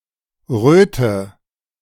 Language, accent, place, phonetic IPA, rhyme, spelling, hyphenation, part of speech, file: German, Germany, Berlin, [ˈʁøːtə], -øːtə, Röte, Rö‧te, noun, De-Röte.ogg
- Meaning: redness